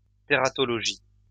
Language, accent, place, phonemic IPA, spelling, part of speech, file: French, France, Lyon, /te.ʁa.tɔ.lɔ.ʒi/, tératologie, noun, LL-Q150 (fra)-tératologie.wav
- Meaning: teratology